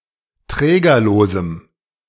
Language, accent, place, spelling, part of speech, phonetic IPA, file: German, Germany, Berlin, trägerlosem, adjective, [ˈtʁɛːɡɐloːzm̩], De-trägerlosem.ogg
- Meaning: strong dative masculine/neuter singular of trägerlos